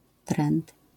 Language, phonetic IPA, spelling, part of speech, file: Polish, [trɛ̃nt], trend, noun, LL-Q809 (pol)-trend.wav